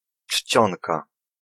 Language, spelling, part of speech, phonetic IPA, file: Polish, czcionka, noun, [ˈt͡ʃʲt͡ɕɔ̃nka], Pl-czcionka.ogg